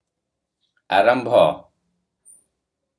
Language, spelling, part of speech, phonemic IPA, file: Odia, ଆରମ୍ଭ, noun, /aɾɔmbʱɔ/, Or-ଆରମ୍ଭ.oga
- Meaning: beginning